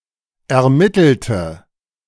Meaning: inflection of ermittelt: 1. strong/mixed nominative/accusative feminine singular 2. strong nominative/accusative plural 3. weak nominative all-gender singular
- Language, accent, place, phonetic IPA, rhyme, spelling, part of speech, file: German, Germany, Berlin, [ɛɐ̯ˈmɪtl̩tə], -ɪtl̩tə, ermittelte, adjective / verb, De-ermittelte.ogg